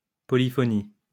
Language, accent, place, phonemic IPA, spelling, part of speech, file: French, France, Lyon, /pɔ.li.fɔ.ni/, polyphonie, noun, LL-Q150 (fra)-polyphonie.wav
- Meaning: polyphony